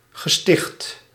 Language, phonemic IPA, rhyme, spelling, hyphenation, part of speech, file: Dutch, /ɣəˈstɪxt/, -ɪxt, gesticht, ge‧sticht, noun / verb, Nl-gesticht.ogg
- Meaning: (noun) 1. psychiatric ward, mental asylum 2. care home, reformatory 3. a Christian religious building or foundation, such as a church or monastery